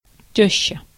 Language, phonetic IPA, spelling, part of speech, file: Russian, [ˈtʲɵɕːə], тёща, noun, Ru-тёща.ogg
- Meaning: the mother of one's wife; mother-in-law